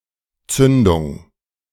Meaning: ignition
- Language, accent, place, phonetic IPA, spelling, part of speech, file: German, Germany, Berlin, [ˈtsʏndʊŋ], Zündung, noun, De-Zündung.ogg